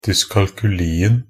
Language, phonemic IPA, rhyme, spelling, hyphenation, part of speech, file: Norwegian Bokmål, /dʏskalkʉliːn̩/, -iːn̩, dyskalkulien, dys‧kal‧ku‧li‧en, noun, Nb-dyskalkulien.ogg
- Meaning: definite singular of dyskalkuli